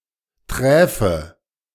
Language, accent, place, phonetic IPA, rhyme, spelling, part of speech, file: German, Germany, Berlin, [ˈtʁɛːfə], -ɛːfə, träfe, verb / adjective, De-träfe.ogg
- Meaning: first/third-person singular subjunctive II of treffen